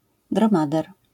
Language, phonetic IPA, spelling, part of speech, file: Polish, [drɔ̃ˈmadɛr], dromader, noun, LL-Q809 (pol)-dromader.wav